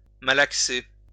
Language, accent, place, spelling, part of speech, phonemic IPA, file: French, France, Lyon, malaxer, verb, /ma.lak.se/, LL-Q150 (fra)-malaxer.wav
- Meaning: 1. to knead 2. to massage